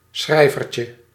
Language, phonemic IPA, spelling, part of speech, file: Dutch, /ˈsxrɛivərcə/, schrijvertje, noun, Nl-schrijvertje.ogg
- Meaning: diminutive of schrijver